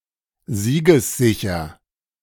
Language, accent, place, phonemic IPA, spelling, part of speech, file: German, Germany, Berlin, /ˈziːɡəsˌzɪçɐ/, siegessicher, adjective, De-siegessicher.ogg
- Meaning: confident of victory